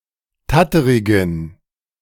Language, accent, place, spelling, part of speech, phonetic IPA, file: German, Germany, Berlin, tatterigen, adjective, [ˈtatəʁɪɡn̩], De-tatterigen.ogg
- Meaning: inflection of tatterig: 1. strong genitive masculine/neuter singular 2. weak/mixed genitive/dative all-gender singular 3. strong/weak/mixed accusative masculine singular 4. strong dative plural